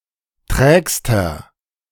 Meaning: inflection of träge: 1. strong/mixed nominative masculine singular superlative degree 2. strong genitive/dative feminine singular superlative degree 3. strong genitive plural superlative degree
- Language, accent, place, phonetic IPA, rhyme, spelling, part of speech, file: German, Germany, Berlin, [ˈtʁɛːkstɐ], -ɛːkstɐ, trägster, adjective, De-trägster.ogg